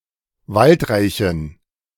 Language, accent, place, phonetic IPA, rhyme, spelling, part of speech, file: German, Germany, Berlin, [ˈvaltˌʁaɪ̯çn̩], -altʁaɪ̯çn̩, waldreichen, adjective, De-waldreichen.ogg
- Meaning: inflection of waldreich: 1. strong genitive masculine/neuter singular 2. weak/mixed genitive/dative all-gender singular 3. strong/weak/mixed accusative masculine singular 4. strong dative plural